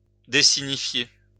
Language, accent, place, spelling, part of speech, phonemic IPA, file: French, France, Lyon, résinifier, verb, /ʁe.zi.ni.fje/, LL-Q150 (fra)-résinifier.wav
- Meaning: to resinify